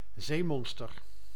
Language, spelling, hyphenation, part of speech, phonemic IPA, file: Dutch, zeemonster, zee‧mon‧ster, noun, /ˈzeːˌmɔnstər/, Nl-zeemonster.ogg
- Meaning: sea monster